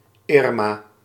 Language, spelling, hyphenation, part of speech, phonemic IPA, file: Dutch, Irma, Ir‧ma, proper noun, /ˈɪr.maː/, Nl-Irma.ogg
- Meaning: a female given name